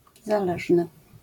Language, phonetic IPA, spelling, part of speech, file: Polish, [zaˈlɛʒnɨ], zależny, adjective, LL-Q809 (pol)-zależny.wav